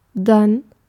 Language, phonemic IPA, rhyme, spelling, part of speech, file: German, /dan/, -an, dann, adverb, De-dann.ogg
- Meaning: 1. then, after that 2. then, in that case